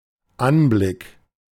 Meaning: view, sight, look
- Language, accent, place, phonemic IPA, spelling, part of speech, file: German, Germany, Berlin, /ˈʔanblɪk/, Anblick, noun, De-Anblick.ogg